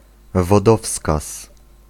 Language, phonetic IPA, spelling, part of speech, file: Polish, [vɔˈdɔfskas], wodowskaz, noun, Pl-wodowskaz.ogg